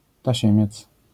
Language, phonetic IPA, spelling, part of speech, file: Polish, [taˈɕɛ̃mʲjɛt͡s], tasiemiec, noun, LL-Q809 (pol)-tasiemiec.wav